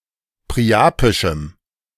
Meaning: strong dative masculine/neuter singular of priapisch
- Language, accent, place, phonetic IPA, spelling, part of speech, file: German, Germany, Berlin, [pʁiˈʔaːpɪʃm̩], priapischem, adjective, De-priapischem.ogg